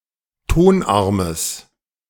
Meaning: genitive singular of Tonarm
- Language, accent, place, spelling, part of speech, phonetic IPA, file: German, Germany, Berlin, Tonarmes, noun, [ˈtonˌʔaʁməs], De-Tonarmes.ogg